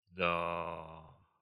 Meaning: hey (expressing pleasant surprise)
- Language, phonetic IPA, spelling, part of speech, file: Russian, [dɐ‿ˈa], да-а, interjection, Ru-да-а.ogg